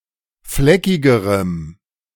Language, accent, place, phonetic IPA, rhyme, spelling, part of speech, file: German, Germany, Berlin, [ˈflɛkɪɡəʁəm], -ɛkɪɡəʁəm, fleckigerem, adjective, De-fleckigerem.ogg
- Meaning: strong dative masculine/neuter singular comparative degree of fleckig